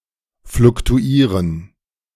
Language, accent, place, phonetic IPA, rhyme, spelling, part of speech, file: German, Germany, Berlin, [flʊktuˈiːʁən], -iːʁən, fluktuieren, verb, De-fluktuieren.ogg
- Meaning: to fluctuate